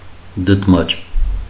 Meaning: noodle, macaroni
- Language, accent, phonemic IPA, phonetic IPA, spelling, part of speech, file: Armenian, Eastern Armenian, /dədˈmɑt͡ʃ/, [dədmɑ́t͡ʃ], դդմաճ, noun, Hy-դդմաճ.ogg